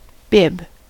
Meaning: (noun) An item of clothing for people (especially babies) tied around their neck to protect their clothes from getting dirty when eating
- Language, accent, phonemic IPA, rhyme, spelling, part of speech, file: English, US, /bɪb/, -ɪb, bib, noun / verb, En-us-bib.ogg